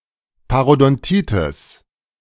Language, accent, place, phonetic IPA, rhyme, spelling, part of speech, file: German, Germany, Berlin, [paʁodɔnˈtiːtɪs], -iːtɪs, Parodontitis, noun, De-Parodontitis.ogg
- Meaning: periodontitis (any of a number of inflammatory diseases affecting the periodontium)